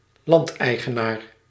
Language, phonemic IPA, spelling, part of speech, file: Dutch, /ˈlɑntɛiɣəˌnar/, landeigenaar, noun, Nl-landeigenaar.ogg
- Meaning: landowner